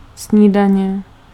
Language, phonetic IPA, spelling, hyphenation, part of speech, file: Czech, [ˈsɲiːdaɲɛ], snídaně, sní‧da‧ně, noun, Cs-snídaně.ogg
- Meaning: breakfast